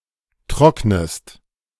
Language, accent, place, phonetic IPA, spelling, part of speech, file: German, Germany, Berlin, [ˈtʁɔknəst], trocknest, verb, De-trocknest.ogg
- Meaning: inflection of trocknen: 1. second-person singular present 2. second-person singular subjunctive I